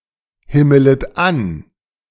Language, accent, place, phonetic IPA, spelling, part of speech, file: German, Germany, Berlin, [ˌhɪmələt ˈan], himmelet an, verb, De-himmelet an.ogg
- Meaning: second-person plural subjunctive I of anhimmeln